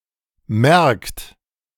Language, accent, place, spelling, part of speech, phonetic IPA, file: German, Germany, Berlin, merkt, verb, [mɛrkt], De-merkt.ogg
- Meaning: 1. third-person singular present of merken: he, she, it notices, notes, perceives, feels, remembers 2. second-person plural present of merken: you notice, note, perceive, feel, remember